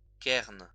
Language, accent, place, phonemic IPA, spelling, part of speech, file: French, France, Lyon, /kɛʁn/, cairn, noun, LL-Q150 (fra)-cairn.wav
- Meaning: cairn